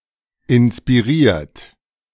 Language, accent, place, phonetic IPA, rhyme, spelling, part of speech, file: German, Germany, Berlin, [ɪnspiˈʁiːɐ̯t], -iːɐ̯t, inspiriert, verb, De-inspiriert.ogg
- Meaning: 1. past participle of inspirieren 2. inflection of inspirieren: third-person singular present 3. inflection of inspirieren: second-person plural present 4. inflection of inspirieren: plural imperative